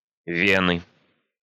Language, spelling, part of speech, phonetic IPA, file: Russian, вены, noun, [ˈvʲenɨ], Ru-вены.ogg
- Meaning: inflection of ве́на (véna): 1. genitive singular 2. nominative/accusative plural